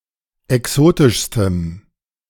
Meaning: strong dative masculine/neuter singular superlative degree of exotisch
- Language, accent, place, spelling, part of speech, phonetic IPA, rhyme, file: German, Germany, Berlin, exotischstem, adjective, [ɛˈksoːtɪʃstəm], -oːtɪʃstəm, De-exotischstem.ogg